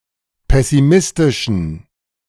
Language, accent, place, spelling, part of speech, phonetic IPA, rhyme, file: German, Germany, Berlin, pessimistischen, adjective, [ˌpɛsiˈmɪstɪʃn̩], -ɪstɪʃn̩, De-pessimistischen.ogg
- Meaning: inflection of pessimistisch: 1. strong genitive masculine/neuter singular 2. weak/mixed genitive/dative all-gender singular 3. strong/weak/mixed accusative masculine singular 4. strong dative plural